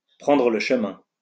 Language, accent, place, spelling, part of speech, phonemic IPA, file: French, France, Lyon, prendre le chemin, verb, /pʁɑ̃.dʁə lə ʃ(ə).mɛ̃/, LL-Q150 (fra)-prendre le chemin.wav
- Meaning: 1. to head towards, take the road for 2. to do whatever necessary to achieve a goal, head for, go down the road